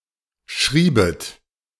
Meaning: second-person plural subjunctive II of schreiben
- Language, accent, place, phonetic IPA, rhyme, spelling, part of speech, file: German, Germany, Berlin, [ˈʃʁiːbət], -iːbət, schriebet, verb, De-schriebet.ogg